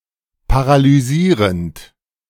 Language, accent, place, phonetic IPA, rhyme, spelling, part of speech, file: German, Germany, Berlin, [paʁalyˈziːʁənt], -iːʁənt, paralysierend, verb, De-paralysierend.ogg
- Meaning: present participle of paralysieren